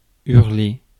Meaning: 1. to shout, to yell 2. to howl
- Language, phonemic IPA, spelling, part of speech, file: French, /yʁ.le/, hurler, verb, Fr-hurler.ogg